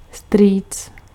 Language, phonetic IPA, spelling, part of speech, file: Czech, [ˈstriːt͡s], strýc, noun, Cs-strýc.ogg
- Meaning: uncle